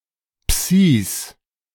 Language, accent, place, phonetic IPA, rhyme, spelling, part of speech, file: German, Germany, Berlin, [psiːs], -iːs, Psis, noun, De-Psis.ogg
- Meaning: plural of Psi